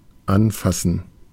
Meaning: to touch
- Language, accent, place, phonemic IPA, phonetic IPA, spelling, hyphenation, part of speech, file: German, Germany, Berlin, /ˈanˌfasən/, [ˈʔanˌfasn̩], anfassen, an‧fas‧sen, verb, De-anfassen.ogg